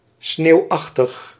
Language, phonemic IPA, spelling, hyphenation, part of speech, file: Dutch, /ˈsneːu̯ˌɑx.təx/, sneeuwachtig, sneeuw‧ach‧tig, adjective, Nl-sneeuwachtig.ogg
- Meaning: snowlike, resembling snow